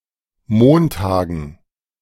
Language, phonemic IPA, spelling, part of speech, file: German, /ˈmoːnˌtaːɡən/, Montagen, noun, De-Montagen.ogg
- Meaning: dative plural of Montag